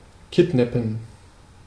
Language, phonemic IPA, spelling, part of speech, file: German, /ˈkɪtˌnɛpm̩/, kidnappen, verb, De-kidnappen.ogg
- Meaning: to abduct, kidnap